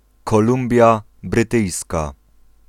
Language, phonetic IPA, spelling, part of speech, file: Polish, [kɔˈlũmbʲja brɨˈtɨjska], Kolumbia Brytyjska, proper noun, Pl-Kolumbia Brytyjska.ogg